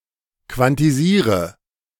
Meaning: inflection of quantisieren: 1. first-person singular present 2. singular imperative 3. first/third-person singular subjunctive I
- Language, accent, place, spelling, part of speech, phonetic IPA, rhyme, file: German, Germany, Berlin, quantisiere, verb, [kvantiˈziːʁə], -iːʁə, De-quantisiere.ogg